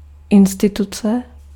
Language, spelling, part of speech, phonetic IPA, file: Czech, instituce, noun, [ˈɪnstɪtut͡sɛ], Cs-instituce.ogg
- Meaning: 1. institution (established organisation) 2. institution (custom or practice of a society or community such as marriage)